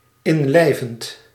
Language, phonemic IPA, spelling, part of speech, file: Dutch, /ɪnlɛɪvənt/, inlijvend, verb, Nl-inlijvend.ogg
- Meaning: present participle of inlijven